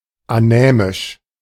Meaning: anaemic
- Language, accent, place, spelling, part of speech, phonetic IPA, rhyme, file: German, Germany, Berlin, anämisch, adjective, [aˈnɛːmɪʃ], -ɛːmɪʃ, De-anämisch.ogg